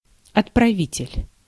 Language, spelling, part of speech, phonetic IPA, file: Russian, отправитель, noun, [ɐtprɐˈvʲitʲɪlʲ], Ru-отправитель.ogg
- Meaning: sender (someone who sends)